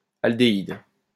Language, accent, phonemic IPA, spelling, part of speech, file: French, France, /al.de.id/, aldéhyde, noun, LL-Q150 (fra)-aldéhyde.wav
- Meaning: aldehyde